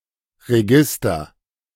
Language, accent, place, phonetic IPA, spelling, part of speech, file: German, Germany, Berlin, [ʁeˈɡɪstɐ], Register, noun, De-Register.ogg
- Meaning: 1. register (formal recording of names, events, transactions etc.) 2. register (range of tones in the human voice)